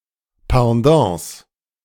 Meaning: plural of Pendant
- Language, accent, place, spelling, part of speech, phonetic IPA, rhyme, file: German, Germany, Berlin, Pendants, noun, [pɑ̃ˈdɑ̃ːs], -ɑ̃ːs, De-Pendants.ogg